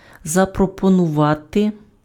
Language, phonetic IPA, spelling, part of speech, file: Ukrainian, [zɐprɔpɔnʊˈʋate], запропонувати, verb, Uk-запропонувати.ogg
- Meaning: 1. to offer 2. to propose, to put forward 3. to suggest